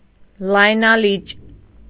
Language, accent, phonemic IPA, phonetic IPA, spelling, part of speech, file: Armenian, Eastern Armenian, /lɑjnɑˈlit͡ʃ/, [lɑjnɑlít͡ʃ], լայնալիճ, adjective / noun, Hy-լայնալիճ.ogg
- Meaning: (adjective) broad, wide, well-bent (of a bow); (noun) bow